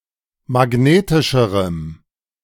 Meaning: strong dative masculine/neuter singular comparative degree of magnetisch
- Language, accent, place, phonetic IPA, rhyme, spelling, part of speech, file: German, Germany, Berlin, [maˈɡneːtɪʃəʁəm], -eːtɪʃəʁəm, magnetischerem, adjective, De-magnetischerem.ogg